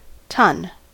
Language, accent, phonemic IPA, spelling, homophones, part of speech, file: English, US, /tʌn/, tonne, ton / tun / tunny, noun, En-us-tonne.ogg
- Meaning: A unit of mass equal to 1000 kilograms